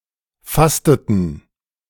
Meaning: inflection of fasten: 1. first/third-person plural preterite 2. first/third-person plural subjunctive II
- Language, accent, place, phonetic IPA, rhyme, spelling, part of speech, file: German, Germany, Berlin, [ˈfastətn̩], -astətn̩, fasteten, verb, De-fasteten.ogg